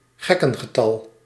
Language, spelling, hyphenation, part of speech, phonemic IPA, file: Dutch, gekkengetal, gek‧ken‧ge‧tal, proper noun, /ˈɣɛ.kə(n).ɣəˌtɑl/, Nl-gekkengetal.ogg
- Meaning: Nickname for the number eleven